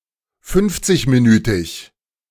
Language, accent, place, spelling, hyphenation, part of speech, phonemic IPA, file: German, Germany, Berlin, fünfzigminütig, fünf‧zig‧mi‧nü‧tig, adjective, /ˈfʏnftsɪçmiˌnyːtɪç/, De-fünfzigminütig.ogg
- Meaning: fifty-minute